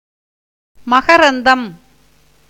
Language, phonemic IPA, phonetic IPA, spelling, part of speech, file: Tamil, /mɐɡɐɾɐnd̪ɐm/, [mɐɡɐɾɐn̪d̪ɐm], மகரந்தம், noun, Ta-மகரந்தம்.ogg
- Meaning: 1. filament of the lotus; pollen and anther of flowers 2. nectar or honey of flowers 3. toddy 4. honeybee 5. Indian cuckoo